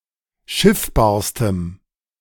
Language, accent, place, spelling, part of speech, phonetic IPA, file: German, Germany, Berlin, schiffbarstem, adjective, [ˈʃɪfbaːɐ̯stəm], De-schiffbarstem.ogg
- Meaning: strong dative masculine/neuter singular superlative degree of schiffbar